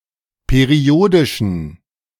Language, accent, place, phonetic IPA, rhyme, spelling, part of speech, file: German, Germany, Berlin, [peˈʁi̯oːdɪʃn̩], -oːdɪʃn̩, periodischen, adjective, De-periodischen.ogg
- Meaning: inflection of periodisch: 1. strong genitive masculine/neuter singular 2. weak/mixed genitive/dative all-gender singular 3. strong/weak/mixed accusative masculine singular 4. strong dative plural